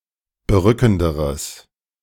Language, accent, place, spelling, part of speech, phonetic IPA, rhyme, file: German, Germany, Berlin, berückenderes, adjective, [bəˈʁʏkn̩dəʁəs], -ʏkn̩dəʁəs, De-berückenderes.ogg
- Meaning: strong/mixed nominative/accusative neuter singular comparative degree of berückend